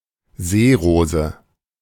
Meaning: 1. water lily (plant of the genus Nymphaea) 2. sea anemone
- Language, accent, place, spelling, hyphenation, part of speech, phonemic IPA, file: German, Germany, Berlin, Seerose, See‧ro‧se, noun, /ˈzeːˌʁoːzə/, De-Seerose.ogg